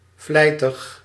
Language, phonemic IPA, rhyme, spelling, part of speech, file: Dutch, /ˈvlɛi̯.təx/, -ɛi̯təx, vlijtig, adjective, Nl-vlijtig.ogg
- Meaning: diligent, assiduous